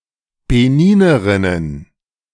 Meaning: plural of Beninerin
- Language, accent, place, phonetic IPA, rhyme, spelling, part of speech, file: German, Germany, Berlin, [beˈniːnəʁɪnən], -iːnəʁɪnən, Beninerinnen, noun, De-Beninerinnen.ogg